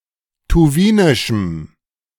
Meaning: strong dative masculine/neuter singular of tuwinisch
- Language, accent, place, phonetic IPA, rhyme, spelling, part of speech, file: German, Germany, Berlin, [tuˈviːnɪʃm̩], -iːnɪʃm̩, tuwinischem, adjective, De-tuwinischem.ogg